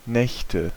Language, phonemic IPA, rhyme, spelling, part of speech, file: German, /ˈnɛçtə/, -ɛçtə, Nächte, noun, De-Nächte.ogg
- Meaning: nominative/accusative/genitive plural of Nacht